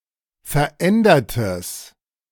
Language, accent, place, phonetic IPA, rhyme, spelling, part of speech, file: German, Germany, Berlin, [fɛɐ̯ˈʔɛndɐtəs], -ɛndɐtəs, verändertes, adjective, De-verändertes.ogg
- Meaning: strong/mixed nominative/accusative neuter singular of verändert